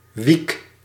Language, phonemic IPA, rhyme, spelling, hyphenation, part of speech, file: Dutch, /ʋik/, -ik, wiek, wiek, noun, Nl-wiek.ogg
- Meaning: 1. sail of a windmill or blade on a wind turbine 2. propeller of a helicopter or similar aircraft 3. wing 4. wick